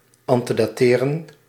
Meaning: to antedate
- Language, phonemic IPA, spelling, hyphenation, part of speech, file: Dutch, /ɑntədaːˈteːrə(n)/, antedateren, an‧te‧da‧te‧ren, verb, Nl-antedateren.ogg